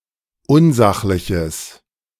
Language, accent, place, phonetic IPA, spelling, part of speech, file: German, Germany, Berlin, [ˈʊnˌzaxlɪçəs], unsachliches, adjective, De-unsachliches.ogg
- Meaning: strong/mixed nominative/accusative neuter singular of unsachlich